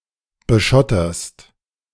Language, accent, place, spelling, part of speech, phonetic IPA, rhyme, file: German, Germany, Berlin, beschotterst, verb, [bəˈʃɔtɐst], -ɔtɐst, De-beschotterst.ogg
- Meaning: second-person singular present of beschottern